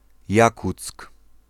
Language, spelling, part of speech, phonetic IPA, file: Polish, Jakuck, proper noun, [ˈjakut͡sk], Pl-Jakuck.ogg